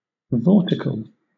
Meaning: Of or pertaining to a vortex; containing vortices; moving in a vortex
- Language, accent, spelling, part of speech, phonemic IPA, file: English, Southern England, vortical, adjective, /ˈvɔːtɪk(ə)l/, LL-Q1860 (eng)-vortical.wav